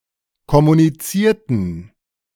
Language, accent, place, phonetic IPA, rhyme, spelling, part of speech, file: German, Germany, Berlin, [kɔmuniˈt͡siːɐ̯tn̩], -iːɐ̯tn̩, kommunizierten, adjective / verb, De-kommunizierten.ogg
- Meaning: inflection of kommunizieren: 1. first/third-person plural preterite 2. first/third-person plural subjunctive II